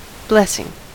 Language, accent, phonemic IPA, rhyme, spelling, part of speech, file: English, US, /ˈblɛs.ɪŋ/, -ɛsɪŋ, blessing, noun / verb, En-us-blessing.ogg
- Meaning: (noun) 1. Some kind of divine or supernatural aid, or reward 2. A pronouncement invoking divine aid 3. Good fortune 4. A modern pagan ceremony 5. The act of declaring or bestowing favor; approval